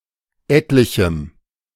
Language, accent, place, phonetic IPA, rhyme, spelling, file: German, Germany, Berlin, [ˈɛtlɪçm̩], -ɛtlɪçm̩, etlichem, De-etlichem.ogg
- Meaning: strong dative masculine/neuter singular of etlich